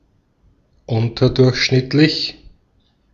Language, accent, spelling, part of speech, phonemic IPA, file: German, Austria, unterdurchschnittlich, adjective, /ˈʊntɐdʊʁçʃnɪtlɪç/, De-at-unterdurchschnittlich.ogg
- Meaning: subnormal, below average